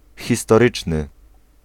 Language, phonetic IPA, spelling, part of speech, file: Polish, [ˌxʲistɔˈrɨt͡ʃnɨ], historyczny, adjective, Pl-historyczny.ogg